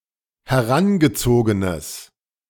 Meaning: strong/mixed nominative/accusative neuter singular of herangezogen
- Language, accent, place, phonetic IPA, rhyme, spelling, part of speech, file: German, Germany, Berlin, [hɛˈʁanɡəˌt͡soːɡənəs], -anɡət͡soːɡənəs, herangezogenes, adjective, De-herangezogenes.ogg